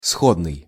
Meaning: 1. similar 2. analogous 3. kindred 4. cognate 5. saleable 6. even 7. near
- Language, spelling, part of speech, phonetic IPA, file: Russian, сходный, adjective, [ˈsxodnɨj], Ru-сходный.ogg